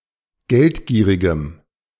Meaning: strong dative masculine/neuter singular of geldgierig
- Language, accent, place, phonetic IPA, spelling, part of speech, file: German, Germany, Berlin, [ˈɡɛltˌɡiːʁɪɡəm], geldgierigem, adjective, De-geldgierigem.ogg